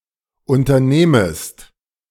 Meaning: second-person singular subjunctive I of unternehmen
- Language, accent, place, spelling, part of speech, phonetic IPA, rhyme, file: German, Germany, Berlin, unternehmest, verb, [ˌʔʊntɐˈneːməst], -eːməst, De-unternehmest.ogg